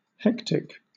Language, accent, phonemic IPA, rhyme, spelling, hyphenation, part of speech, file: English, Southern England, /ˈhɛktɪk/, -ɛktɪk, hectic, hec‧tic, adjective / noun, LL-Q1860 (eng)-hectic.wav
- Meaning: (adjective) 1. Very busy with activity and confusion 2. Denoting a type of fever accompanying consumption and similar wasting diseases, characterised by flushed cheeks and dry skin